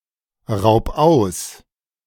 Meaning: 1. singular imperative of ausrauben 2. first-person singular present of ausrauben
- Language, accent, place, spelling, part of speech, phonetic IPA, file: German, Germany, Berlin, raub aus, verb, [ˌʁaʊ̯p ˈaʊ̯s], De-raub aus.ogg